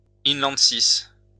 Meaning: ice sheet
- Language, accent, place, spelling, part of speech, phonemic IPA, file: French, France, Lyon, inlandsis, noun, /in.lɑ̃d.sis/, LL-Q150 (fra)-inlandsis.wav